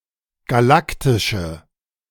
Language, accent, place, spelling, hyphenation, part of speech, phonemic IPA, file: German, Germany, Berlin, galaktische, ga‧lak‧ti‧sche, adjective, /ɡaˈlaktɪʃə/, De-galaktische.ogg
- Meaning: inflection of galaktisch: 1. strong/mixed nominative/accusative feminine singular 2. strong nominative/accusative plural 3. weak nominative all-gender singular